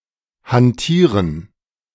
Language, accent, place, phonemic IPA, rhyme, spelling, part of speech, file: German, Germany, Berlin, /hanˈtiːʁən/, -iːʁən, hantieren, verb, De-hantieren.ogg
- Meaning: to handle; to tamper